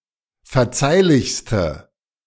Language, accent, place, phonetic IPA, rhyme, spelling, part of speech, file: German, Germany, Berlin, [fɛɐ̯ˈt͡saɪ̯lɪçstə], -aɪ̯lɪçstə, verzeihlichste, adjective, De-verzeihlichste.ogg
- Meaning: inflection of verzeihlich: 1. strong/mixed nominative/accusative feminine singular superlative degree 2. strong nominative/accusative plural superlative degree